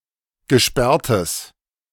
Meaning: strong/mixed nominative/accusative neuter singular of gesperrt
- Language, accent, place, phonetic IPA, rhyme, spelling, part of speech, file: German, Germany, Berlin, [ɡəˈʃpɛʁtəs], -ɛʁtəs, gesperrtes, adjective, De-gesperrtes.ogg